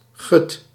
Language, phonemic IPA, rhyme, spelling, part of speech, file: Dutch, /ɣʏt/, -ʏt, gut, interjection, Nl-gut.ogg
- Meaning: gee